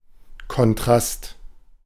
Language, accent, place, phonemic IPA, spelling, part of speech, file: German, Germany, Berlin, /kɔnˈtrast/, Kontrast, noun, De-Kontrast.ogg
- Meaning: contrast